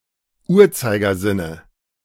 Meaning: dative of Uhrzeigersinn
- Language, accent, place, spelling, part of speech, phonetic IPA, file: German, Germany, Berlin, Uhrzeigersinne, noun, [ˈuːɐ̯t͡saɪ̯ɡɐˌzɪnə], De-Uhrzeigersinne.ogg